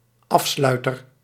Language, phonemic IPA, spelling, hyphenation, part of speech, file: Dutch, /ˈɑfslœy̯tər/, afsluiter, af‧slui‧ter, noun, Nl-afsluiter.ogg
- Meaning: closer, shutter, tap, valve